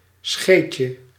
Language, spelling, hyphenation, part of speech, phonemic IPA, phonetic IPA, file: Dutch, scheetje, scheet‧je, noun, /ˈsxeːtjə/, [ˈsxeːcə], Nl-scheetje.ogg
- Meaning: 1. diminutive of scheet 2. someone or something cute